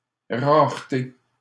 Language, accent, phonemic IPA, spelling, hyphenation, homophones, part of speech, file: French, Canada, /ʁaʁ.te/, rareté, rare‧té, raretés, noun, LL-Q150 (fra)-rareté.wav
- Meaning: rarity